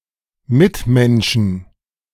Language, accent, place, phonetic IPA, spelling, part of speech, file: German, Germany, Berlin, [ˈmɪtˌmɛnʃn̩], Mitmenschen, noun, De-Mitmenschen.ogg
- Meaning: plural of Mitmensch